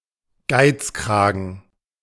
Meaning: miser, skinflint
- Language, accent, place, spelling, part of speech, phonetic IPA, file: German, Germany, Berlin, Geizkragen, noun, [ˈɡaɪ̯t͡sˌkʁaːɡn̩], De-Geizkragen.ogg